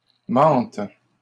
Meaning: second-person singular present subjunctive of mentir
- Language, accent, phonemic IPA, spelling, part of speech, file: French, Canada, /mɑ̃t/, mentes, verb, LL-Q150 (fra)-mentes.wav